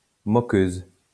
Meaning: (noun) female equivalent of moqueur; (adjective) feminine singular of moqueur
- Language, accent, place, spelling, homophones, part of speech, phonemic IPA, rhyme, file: French, France, Lyon, moqueuse, moqueuses, noun / adjective, /mɔ.køz/, -øz, LL-Q150 (fra)-moqueuse.wav